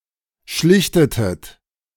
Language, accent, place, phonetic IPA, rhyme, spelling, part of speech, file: German, Germany, Berlin, [ˈʃlɪçtətət], -ɪçtətət, schlichtetet, verb, De-schlichtetet.ogg
- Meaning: inflection of schlichten: 1. second-person plural preterite 2. second-person plural subjunctive II